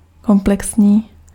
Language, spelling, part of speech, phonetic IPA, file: Czech, komplexní, adjective, [ˈkomplɛksɲiː], Cs-komplexní.ogg
- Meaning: 1. complex 2. comprehensive